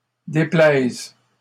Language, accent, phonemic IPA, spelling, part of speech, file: French, Canada, /de.plɛz/, déplaisent, verb, LL-Q150 (fra)-déplaisent.wav
- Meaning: third-person plural present indicative/subjunctive of déplaire